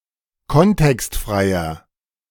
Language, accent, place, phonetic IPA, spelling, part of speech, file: German, Germany, Berlin, [ˈkɔntɛkstˌfʁaɪ̯ɐ], kontextfreier, adjective, De-kontextfreier.ogg
- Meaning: inflection of kontextfrei: 1. strong/mixed nominative masculine singular 2. strong genitive/dative feminine singular 3. strong genitive plural